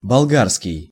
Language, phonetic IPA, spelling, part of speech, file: Russian, [bɐɫˈɡarskʲɪj], болгарский, adjective / noun, Ru-болгарский.ogg
- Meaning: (adjective) Bulgarian (relating to Bulgaria, its people or the Bulgarian language); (noun) Bulgarian language